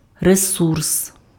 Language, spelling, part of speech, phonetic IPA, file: Ukrainian, ресурс, noun, [reˈsurs], Uk-ресурс.ogg
- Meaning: resource